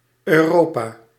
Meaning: 1. Europe (a continent located west of Asia and north of Africa) 2. Europa (a moon in Jupiter) 3. Europa (several characters, most notably a Phoenician princess abducted to Crete by Zeus)
- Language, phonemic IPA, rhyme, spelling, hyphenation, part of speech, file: Dutch, /øːˈroːpaː/, -oːpaː, Europa, Eu‧ro‧pa, proper noun, Nl-Europa.ogg